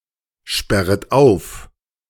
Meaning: second-person plural subjunctive I of aufsperren
- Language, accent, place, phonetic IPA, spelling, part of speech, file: German, Germany, Berlin, [ˌʃpɛʁət ˈaʊ̯f], sperret auf, verb, De-sperret auf.ogg